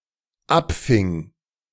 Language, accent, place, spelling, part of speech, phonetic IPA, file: German, Germany, Berlin, abfing, verb, [ˈapˌfɪŋ], De-abfing.ogg
- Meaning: first/third-person singular dependent preterite of abfangen